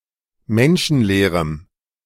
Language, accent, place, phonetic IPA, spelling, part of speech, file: German, Germany, Berlin, [ˈmɛnʃn̩ˌleːʁəm], menschenleerem, adjective, De-menschenleerem.ogg
- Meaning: strong dative masculine/neuter singular of menschenleer